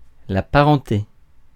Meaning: 1. kinship 2. relatives, kin
- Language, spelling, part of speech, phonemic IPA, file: French, parenté, noun, /pa.ʁɑ̃.te/, Fr-parenté.ogg